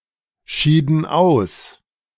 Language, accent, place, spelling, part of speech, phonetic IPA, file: German, Germany, Berlin, schieden aus, verb, [ˌʃiːdn̩ ˈaʊ̯s], De-schieden aus.ogg
- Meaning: inflection of ausscheiden: 1. first/third-person plural preterite 2. first/third-person plural subjunctive II